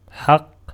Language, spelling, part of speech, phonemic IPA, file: Arabic, حق, noun / adjective, /ħaqq/, Ar-حق.ogg
- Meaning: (noun) 1. verbal noun of حُقَّ (ḥuqqa) (form I) 2. verbal noun of حَقَّ (ḥaqqa) (form I) 3. equity 4. truth 5. correctness, right 6. rightful possession, property 7. right 8. proper manner 9. reality